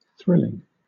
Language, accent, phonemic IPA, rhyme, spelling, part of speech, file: English, Southern England, /ˈθɹɪlɪŋ/, -ɪlɪŋ, thrilling, verb / adjective / noun, LL-Q1860 (eng)-thrilling.wav
- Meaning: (verb) present participle and gerund of thrill; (adjective) Causing a feeling of sudden excitement; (noun) A thrill